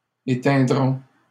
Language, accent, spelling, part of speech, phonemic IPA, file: French, Canada, éteindront, verb, /e.tɛ̃.dʁɔ̃/, LL-Q150 (fra)-éteindront.wav
- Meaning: third-person plural future of éteindre